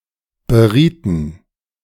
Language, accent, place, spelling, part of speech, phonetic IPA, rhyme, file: German, Germany, Berlin, berieten, verb, [bəˈʁiːtn̩], -iːtn̩, De-berieten.ogg
- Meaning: inflection of beraten: 1. first/third-person plural preterite 2. first/third-person plural subjunctive II